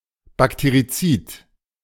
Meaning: bactericidal, antibacterial
- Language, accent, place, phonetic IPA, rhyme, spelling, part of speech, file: German, Germany, Berlin, [bakteʁiˈt͡siːt], -iːt, bakterizid, adjective, De-bakterizid.ogg